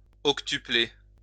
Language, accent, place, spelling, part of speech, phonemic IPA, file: French, France, Lyon, octupler, verb, /ɔk.ty.ple/, LL-Q150 (fra)-octupler.wav
- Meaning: to octuple; to multiply by eight